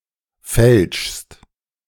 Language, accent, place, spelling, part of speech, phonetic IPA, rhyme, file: German, Germany, Berlin, fälschst, verb, [fɛlʃst], -ɛlʃst, De-fälschst.ogg
- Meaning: second-person singular present of fälschen